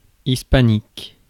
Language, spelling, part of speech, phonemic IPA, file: French, hispanique, adjective, /is.pa.nik/, Fr-hispanique.ogg
- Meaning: Hispanic